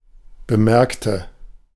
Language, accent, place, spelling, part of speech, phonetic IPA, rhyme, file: German, Germany, Berlin, bemerkte, adjective / verb, [bəˈmɛʁktə], -ɛʁktə, De-bemerkte.ogg
- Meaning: inflection of bemerken: 1. first/third-person singular preterite 2. first/third-person singular subjunctive II